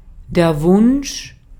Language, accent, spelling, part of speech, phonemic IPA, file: German, Austria, Wunsch, noun, /vʊnʃ/, De-at-Wunsch.ogg
- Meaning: 1. wish (an act of wishing) 2. wish (that which one wishes)